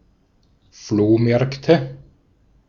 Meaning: nominative/accusative/genitive plural of Flohmarkt
- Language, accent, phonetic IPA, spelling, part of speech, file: German, Austria, [ˈfloːˌmɛʁktə], Flohmärkte, noun, De-at-Flohmärkte.ogg